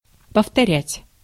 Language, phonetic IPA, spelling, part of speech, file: Russian, [pəftɐˈrʲætʲ], повторять, verb, Ru-повторять.ogg
- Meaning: 1. to repeat, to reiterate 2. to review (lesson)